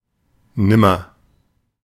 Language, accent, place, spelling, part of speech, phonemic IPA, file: German, Germany, Berlin, nimmer, adverb, /ˈnɪmər/, De-nimmer.ogg
- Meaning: 1. never, at no time 2. no more, no longer, never again